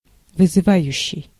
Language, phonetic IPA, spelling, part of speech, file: Russian, [vɨzɨˈvajʉɕːɪj], вызывающий, verb / adjective, Ru-вызывающий.ogg
- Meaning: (verb) present active imperfective participle of вызыва́ть (vyzyvátʹ); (adjective) 1. defiant 2. provocative, aggressive